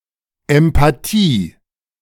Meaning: empathy
- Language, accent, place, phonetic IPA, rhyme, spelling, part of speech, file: German, Germany, Berlin, [ɛmpaˈtiː], -iː, Empathie, noun, De-Empathie.ogg